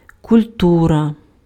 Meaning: 1. culture 2. cultivation
- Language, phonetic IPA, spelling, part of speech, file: Ukrainian, [kʊlʲˈturɐ], культура, noun, Uk-культура.ogg